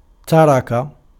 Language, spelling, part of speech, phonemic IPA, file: Arabic, ترك, verb, /ta.ra.ka/, Ar-ترك.ogg
- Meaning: 1. to leave, to relinquish 2. to allow, to permit, to let someone do what he likes